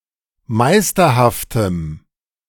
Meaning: strong dative masculine/neuter singular of meisterhaft
- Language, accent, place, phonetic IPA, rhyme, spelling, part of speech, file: German, Germany, Berlin, [ˈmaɪ̯stɐhaftəm], -aɪ̯stɐhaftəm, meisterhaftem, adjective, De-meisterhaftem.ogg